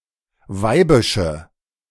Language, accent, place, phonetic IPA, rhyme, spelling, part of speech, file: German, Germany, Berlin, [ˈvaɪ̯bɪʃə], -aɪ̯bɪʃə, weibische, adjective, De-weibische.ogg
- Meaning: inflection of weibisch: 1. strong/mixed nominative/accusative feminine singular 2. strong nominative/accusative plural 3. weak nominative all-gender singular